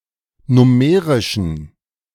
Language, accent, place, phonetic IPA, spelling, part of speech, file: German, Germany, Berlin, [ˈnʊməʁɪʃn̩], nummerischen, adjective, De-nummerischen.ogg
- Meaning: inflection of nummerisch: 1. strong genitive masculine/neuter singular 2. weak/mixed genitive/dative all-gender singular 3. strong/weak/mixed accusative masculine singular 4. strong dative plural